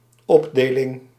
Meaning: 1. subdivision 2. partition 3. distribution
- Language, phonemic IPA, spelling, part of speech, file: Dutch, /ˈɔbdeːlɪŋ/, opdeling, noun, Nl-opdeling.ogg